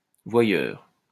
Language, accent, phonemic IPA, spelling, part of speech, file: French, France, /vwa.jœʁ/, voyeur, noun, LL-Q150 (fra)-voyeur.wav
- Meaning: 1. observer; watcher 2. voyeur, peeping tom